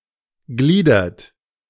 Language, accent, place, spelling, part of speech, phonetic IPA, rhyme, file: German, Germany, Berlin, gliedert, verb, [ˈɡliːdɐt], -iːdɐt, De-gliedert.ogg
- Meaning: inflection of gliedern: 1. third-person singular present 2. second-person plural present 3. plural imperative